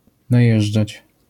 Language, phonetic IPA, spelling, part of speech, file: Polish, [naˈjɛʒd͡ʒat͡ɕ], najeżdżać, verb, LL-Q809 (pol)-najeżdżać.wav